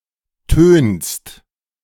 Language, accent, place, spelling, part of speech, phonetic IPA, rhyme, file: German, Germany, Berlin, tönst, verb, [tøːnst], -øːnst, De-tönst.ogg
- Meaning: second-person singular present of tönen